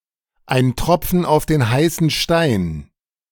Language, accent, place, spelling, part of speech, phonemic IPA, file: German, Germany, Berlin, ein Tropfen auf den heißen Stein, noun, /aɪ̯n ˈtʁɔp͡fn̩ aʊ̯f deːn ˈhaɪ̯sn̩ ˈʃtaɪ̯n/, De-ein Tropfen auf den heißen Stein.ogg
- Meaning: a drop in the bucket